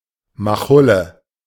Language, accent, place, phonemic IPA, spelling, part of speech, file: German, Germany, Berlin, /maˈχʊlə/, machulle, adjective, De-machulle.ogg
- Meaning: 1. bankrupt; broke 2. tired, exhausted 3. crazy